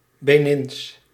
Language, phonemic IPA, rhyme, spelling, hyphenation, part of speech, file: Dutch, /beːˈnins/, -ins, Benins, Be‧nins, adjective, Nl-Benins.ogg
- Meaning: Beninese